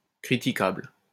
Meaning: questionable
- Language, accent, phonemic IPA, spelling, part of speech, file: French, France, /kʁi.ti.kabl/, critiquable, adjective, LL-Q150 (fra)-critiquable.wav